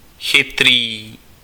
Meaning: 1. clever (mentally sharp or bright) 2. smart (technology)
- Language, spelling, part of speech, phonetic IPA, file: Czech, chytrý, adjective, [ˈxɪtriː], Cs-chytrý.ogg